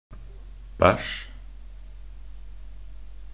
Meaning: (interjection) Used as an expression of disgust or contempt; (noun) poop; poo, shit (solid excretory product evacuated from the bowels; feces)
- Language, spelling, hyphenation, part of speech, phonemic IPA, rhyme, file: Norwegian Bokmål, bæsj, bæsj, interjection / noun / verb, /bæʃ/, -æʃ, Nb-bæsj.ogg